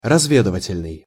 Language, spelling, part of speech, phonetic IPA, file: Russian, разведывательный, adjective, [rɐzˈvʲedɨvətʲɪlʲnɨj], Ru-разведывательный.ogg
- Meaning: reconnaissance, intelligence